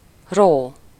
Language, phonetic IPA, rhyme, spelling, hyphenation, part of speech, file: Hungarian, [ˈroː], -roː, ró, ró, verb / noun, Hu-ró.ogg
- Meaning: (verb) 1. to notch, carve, engrave, cut into, nick, score 2. putting burden on someone, such as a fine, a task, blame, etc.: to impose, levy (a fine, a tax) on someone (-ra/-re)